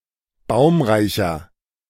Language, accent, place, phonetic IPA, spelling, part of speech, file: German, Germany, Berlin, [ˈbaʊ̯mʁaɪ̯çɐ], baumreicher, adjective, De-baumreicher.ogg
- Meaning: 1. comparative degree of baumreich 2. inflection of baumreich: strong/mixed nominative masculine singular 3. inflection of baumreich: strong genitive/dative feminine singular